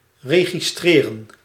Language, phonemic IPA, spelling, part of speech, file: Dutch, /ˌreː.ɣiˈstreː.rə(n)/, registreren, verb, Nl-registreren.ogg
- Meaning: to register